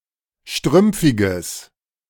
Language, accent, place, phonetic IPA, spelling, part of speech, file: German, Germany, Berlin, [ˈʃtʁʏmp͡fɪɡəs], strümpfiges, adjective, De-strümpfiges.ogg
- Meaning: strong/mixed nominative/accusative neuter singular of strümpfig